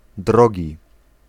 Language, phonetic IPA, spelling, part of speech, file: Polish, [ˈdrɔɟi], drogi, adjective / noun, Pl-drogi.ogg